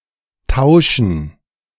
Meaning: 1. gerund of tauschen 2. dative plural of Tausch
- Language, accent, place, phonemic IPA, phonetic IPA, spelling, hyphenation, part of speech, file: German, Germany, Berlin, /ˈtaʊ̯ʃən/, [ˈtʰaʊ̯ʃn̩], Tauschen, Tau‧schen, noun, De-Tauschen.ogg